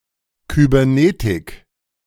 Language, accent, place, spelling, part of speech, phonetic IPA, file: German, Germany, Berlin, Kybernetik, noun, [ˌkybɛʁˈneːtɪk], De-Kybernetik.ogg
- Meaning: cybernetics